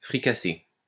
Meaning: 1. to fricassee 2. to partake in debauchery
- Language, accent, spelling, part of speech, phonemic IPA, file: French, France, fricasser, verb, /fʁi.ka.se/, LL-Q150 (fra)-fricasser.wav